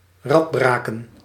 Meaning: 1. to break on the wheel (to kill by a historical mode of torturous execution) 2. to wreck, to expose to excessive duress, to exhaust 3. to maim linguistically, to spoil by appalling phrasing
- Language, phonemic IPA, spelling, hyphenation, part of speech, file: Dutch, /ˈrɑtˌbraː.kə(n)/, radbraken, rad‧bra‧ken, verb, Nl-radbraken.ogg